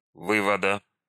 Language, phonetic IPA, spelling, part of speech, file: Russian, [ˈvɨvədə], вывода, noun, Ru-вы́вода.ogg
- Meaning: genitive singular of вы́вод (vývod)